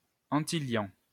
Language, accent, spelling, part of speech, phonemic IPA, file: French, France, antiliant, adjective, /ɑ̃.ti.ljɑ̃/, LL-Q150 (fra)-antiliant.wav
- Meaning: antibonding